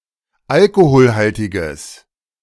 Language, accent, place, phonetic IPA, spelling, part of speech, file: German, Germany, Berlin, [ˈalkohoːlhaltɪɡəs], alkoholhaltiges, adjective, De-alkoholhaltiges.ogg
- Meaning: strong/mixed nominative/accusative neuter singular of alkoholhaltig